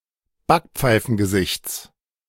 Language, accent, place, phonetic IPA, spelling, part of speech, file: German, Germany, Berlin, [ˈbakp͡faɪ̯fn̩ɡəˌzɪçt͡s], Backpfeifengesichts, noun, De-Backpfeifengesichts.ogg
- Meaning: genitive singular of Backpfeifengesicht